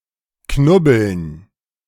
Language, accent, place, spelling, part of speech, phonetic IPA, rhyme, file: German, Germany, Berlin, Knubbeln, noun, [ˈknʊbl̩n], -ʊbl̩n, De-Knubbeln.ogg
- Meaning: dative plural of Knubbel